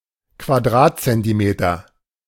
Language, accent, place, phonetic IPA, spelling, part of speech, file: German, Germany, Berlin, [kvaˈdʁaːtt͡sɛntiˌmeːtɐ], Quadratzentimeter, noun, De-Quadratzentimeter.ogg
- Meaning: square centimeter